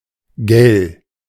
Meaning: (adjective) shrill; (particle) emphasis and question marker particle; asks for confirmation; right?; eh?; isn't it, innit?
- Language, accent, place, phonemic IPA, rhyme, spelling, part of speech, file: German, Germany, Berlin, /ɡɛl/, -ɛl, gell, adjective / particle, De-gell.ogg